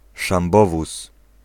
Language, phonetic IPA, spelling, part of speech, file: Polish, [ʃãmˈbɔvus], szambowóz, noun, Pl-szambowóz.ogg